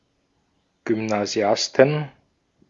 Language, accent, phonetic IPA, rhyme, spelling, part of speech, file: German, Austria, [ɡʏmnaˈzi̯astn̩], -astn̩, Gymnasiasten, noun, De-at-Gymnasiasten.ogg
- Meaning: 1. genitive singular of Gymnasiast 2. plural of Gymnasiast